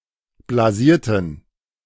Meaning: inflection of blasiert: 1. strong genitive masculine/neuter singular 2. weak/mixed genitive/dative all-gender singular 3. strong/weak/mixed accusative masculine singular 4. strong dative plural
- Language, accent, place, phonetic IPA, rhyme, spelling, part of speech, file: German, Germany, Berlin, [blaˈziːɐ̯tn̩], -iːɐ̯tn̩, blasierten, adjective, De-blasierten.ogg